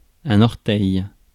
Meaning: toe
- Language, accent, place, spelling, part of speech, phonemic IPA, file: French, France, Paris, orteil, noun, /ɔʁ.tɛj/, Fr-orteil.ogg